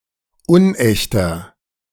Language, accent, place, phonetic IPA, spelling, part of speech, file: German, Germany, Berlin, [ˈʊnˌʔɛçtɐ], unechter, adjective, De-unechter.ogg
- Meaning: 1. comparative degree of unecht 2. inflection of unecht: strong/mixed nominative masculine singular 3. inflection of unecht: strong genitive/dative feminine singular